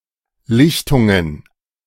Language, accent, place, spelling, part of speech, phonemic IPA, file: German, Germany, Berlin, Lichtungen, noun, /ˈlɪçtʊŋən/, De-Lichtungen.ogg
- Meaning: plural of Lichtung